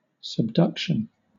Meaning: 1. The action of being pushed or drawn beneath another object 2. The process of one tectonic plate moving beneath another and sinking into the mantle at a convergent plate boundary
- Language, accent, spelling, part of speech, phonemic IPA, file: English, Southern England, subduction, noun, /səbˈdʌkʃən/, LL-Q1860 (eng)-subduction.wav